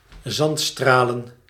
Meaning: to sandblast
- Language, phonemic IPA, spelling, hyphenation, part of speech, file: Dutch, /ˈzɑntˌstraː.lə(n)/, zandstralen, zand‧stra‧len, verb, Nl-zandstralen.ogg